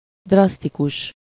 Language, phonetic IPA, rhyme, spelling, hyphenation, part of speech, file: Hungarian, [ˈdrɒstikuʃ], -uʃ, drasztikus, drasz‧ti‧kus, adjective, Hu-drasztikus.ogg
- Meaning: 1. drastic, extreme, forceful, harsh (extremely severe) 2. drastic, violent (acting with force) 3. vulgar, coarse 4. drastic, dramatic (sudden, definitive, irreversible)